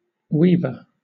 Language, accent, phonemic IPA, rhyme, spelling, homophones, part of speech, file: English, Southern England, /ˈwiː.və(ɹ)/, -iːvə(ɹ), weaver, weever, noun, LL-Q1860 (eng)-weaver.wav
- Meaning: 1. A person who weaves; especially, one who weaves cloth for a living 2. A horizontal strand of material used in basket weaving 3. A weaverbird 4. An aquatic beetle of the genus Gyrinus